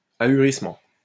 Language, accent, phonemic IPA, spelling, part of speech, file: French, France, /a.y.ʁis.mɑ̃/, ahurissement, noun, LL-Q150 (fra)-ahurissement.wav
- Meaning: stupefaction